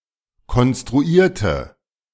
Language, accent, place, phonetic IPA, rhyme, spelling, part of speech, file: German, Germany, Berlin, [kɔnstʁuˈiːɐ̯tə], -iːɐ̯tə, konstruierte, adjective / verb, De-konstruierte.ogg
- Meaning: inflection of konstruiert: 1. strong/mixed nominative/accusative feminine singular 2. strong nominative/accusative plural 3. weak nominative all-gender singular